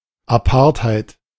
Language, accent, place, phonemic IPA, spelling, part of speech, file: German, Germany, Berlin, /aˈpaʁtˌhaɪ̯t/, Apartheid, noun, De-Apartheid.ogg
- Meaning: 1. apartheid (South African policy of racial segregation and discrimination) 2. apartheid, segregation (policy or situation of separation and discrimination based on a specified attribute)